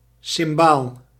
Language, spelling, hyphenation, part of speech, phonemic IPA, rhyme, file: Dutch, cimbaal, cim‧baal, noun, /sɪmˈbaːl/, -aːl, Nl-cimbaal.ogg
- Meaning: cymbal (percussion instrument)